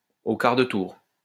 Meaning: in no time, straight off
- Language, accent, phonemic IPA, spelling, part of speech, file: French, France, /o kaʁ də tuʁ/, au quart de tour, adverb, LL-Q150 (fra)-au quart de tour.wav